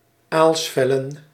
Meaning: plural of aalsvel
- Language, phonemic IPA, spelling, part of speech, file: Dutch, /ˈalsfɛlə(n)/, aalsvellen, noun, Nl-aalsvellen.ogg